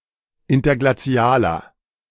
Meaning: inflection of interglazial: 1. strong/mixed nominative masculine singular 2. strong genitive/dative feminine singular 3. strong genitive plural
- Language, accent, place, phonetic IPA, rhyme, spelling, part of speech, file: German, Germany, Berlin, [ˌɪntɐɡlaˈt͡si̯aːlɐ], -aːlɐ, interglazialer, adjective, De-interglazialer.ogg